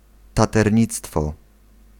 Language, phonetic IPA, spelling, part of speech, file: Polish, [ˌtatɛrʲˈɲit͡stfɔ], taternictwo, noun, Pl-taternictwo.ogg